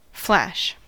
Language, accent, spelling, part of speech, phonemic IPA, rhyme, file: English, General American, flash, verb / noun / adjective, /flæʃ/, -æʃ, En-us-flash.ogg
- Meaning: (verb) 1. To cause to shine briefly or intermittently 2. To blink; to shine or illuminate intermittently 3. To be visible briefly 4. To make visible briefly